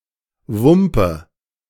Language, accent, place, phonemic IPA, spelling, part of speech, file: German, Germany, Berlin, /ˈvʊmpə/, wumpe, adjective, De-wumpe.ogg
- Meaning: all the same, unimportant